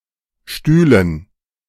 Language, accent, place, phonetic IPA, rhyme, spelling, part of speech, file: German, Germany, Berlin, [ˈʃtyːlən], -yːlən, Stühlen, noun, De-Stühlen.ogg
- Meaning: dative plural of Stuhl